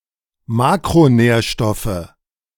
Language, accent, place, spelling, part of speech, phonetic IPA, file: German, Germany, Berlin, Makronährstoffe, noun, [ˈmaːkʁoˌnɛːɐ̯ʃtɔfə], De-Makronährstoffe.ogg
- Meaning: nominative/accusative/genitive plural of Makronährstoff